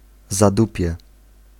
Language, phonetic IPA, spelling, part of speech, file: Polish, [zaˈdupʲjɛ], zadupie, noun, Pl-zadupie.ogg